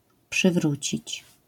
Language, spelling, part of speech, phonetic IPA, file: Polish, przywrócić, verb, [pʃɨˈvrut͡ɕit͡ɕ], LL-Q809 (pol)-przywrócić.wav